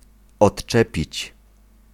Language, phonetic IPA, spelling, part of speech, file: Polish, [ɔṭˈt͡ʃɛpʲit͡ɕ], odczepić, verb, Pl-odczepić.ogg